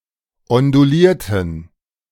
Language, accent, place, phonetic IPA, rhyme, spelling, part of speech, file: German, Germany, Berlin, [ɔnduˈliːɐ̯tn̩], -iːɐ̯tn̩, ondulierten, adjective / verb, De-ondulierten.ogg
- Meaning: inflection of ondulieren: 1. first/third-person plural preterite 2. first/third-person plural subjunctive II